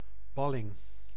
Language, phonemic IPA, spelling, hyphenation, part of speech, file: Dutch, /ˈbɑ.lɪŋ/, balling, bal‧ling, noun, Nl-balling.ogg
- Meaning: exile (exiled person)